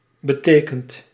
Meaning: inflection of betekenen: 1. second/third-person singular present indicative 2. plural imperative
- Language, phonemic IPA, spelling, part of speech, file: Dutch, /bə.ˈteː.kənt/, betekent, verb, Nl-betekent.ogg